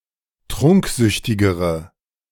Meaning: inflection of trunksüchtig: 1. strong/mixed nominative/accusative feminine singular comparative degree 2. strong nominative/accusative plural comparative degree
- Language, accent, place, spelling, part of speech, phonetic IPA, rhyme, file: German, Germany, Berlin, trunksüchtigere, adjective, [ˈtʁʊŋkˌzʏçtɪɡəʁə], -ʊŋkzʏçtɪɡəʁə, De-trunksüchtigere.ogg